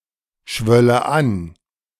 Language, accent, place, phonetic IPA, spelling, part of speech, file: German, Germany, Berlin, [ˌʃvœlə ˈan], schwölle an, verb, De-schwölle an.ogg
- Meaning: first/third-person singular subjunctive II of anschwellen